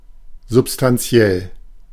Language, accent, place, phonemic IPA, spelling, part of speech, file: German, Germany, Berlin, /zʊp.stanˈ(t)si̯ɛl/, substanziell, adjective, De-substanziell.ogg
- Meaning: essential; vital; fundamental; profound; decisive; substantial (in this sense)